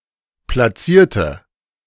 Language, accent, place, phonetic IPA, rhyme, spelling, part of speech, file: German, Germany, Berlin, [plaˈt͡siːɐ̯tə], -iːɐ̯tə, platzierte, adjective / verb, De-platzierte.ogg
- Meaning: inflection of platziert: 1. strong/mixed nominative/accusative feminine singular 2. strong nominative/accusative plural 3. weak nominative all-gender singular